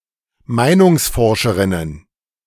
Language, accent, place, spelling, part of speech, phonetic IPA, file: German, Germany, Berlin, Meinungsforscherinnen, noun, [ˈmaɪ̯nʊŋsˌfɔʁʃəʁɪnən], De-Meinungsforscherinnen.ogg
- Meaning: plural of Meinungsforscherin